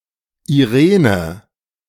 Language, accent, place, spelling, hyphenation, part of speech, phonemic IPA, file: German, Germany, Berlin, Irene, Ire‧ne, proper noun, /iˈʁeːnə/, De-Irene.ogg
- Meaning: a female given name from Ancient Greek